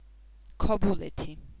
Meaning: Kobuleti
- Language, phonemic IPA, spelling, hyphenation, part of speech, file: Georgian, /kʰobuˈletʰi/, ქობულეთი, ქო‧ბუ‧ლე‧თი, proper noun, Kobuleti.ogg